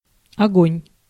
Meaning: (noun) 1. fire (also figurative) 2. light 3. fire (of weapons); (interjection) Fire! (command issued to order people to shoot)
- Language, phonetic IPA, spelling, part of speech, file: Russian, [ɐˈɡonʲ], огонь, noun / interjection, Ru-огонь.ogg